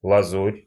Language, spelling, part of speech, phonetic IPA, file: Russian, лазурь, noun, [ɫɐˈzurʲ], Ru-лазурь.ogg
- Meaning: azure (colour/color)